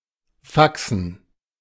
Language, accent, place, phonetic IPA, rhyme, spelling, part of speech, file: German, Germany, Berlin, [ˈfaksn̩], -aksn̩, Faxen, noun, De-Faxen.ogg
- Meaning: 1. dative plural of Fax 2. gerund of faxen 3. plural of Faxe